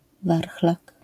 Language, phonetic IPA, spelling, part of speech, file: Polish, [ˈvarxlak], warchlak, noun, LL-Q809 (pol)-warchlak.wav